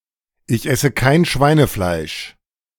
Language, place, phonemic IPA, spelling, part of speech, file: German, Berlin, /ʔɪç ʔɛsə kaɪ̯n ˈʃvaɪ̯nəflaɪ̯ʃ/, ich esse kein Schweinefleisch, phrase, De-Ich esse kein Schweinefleisch..ogg
- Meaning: I don't eat pork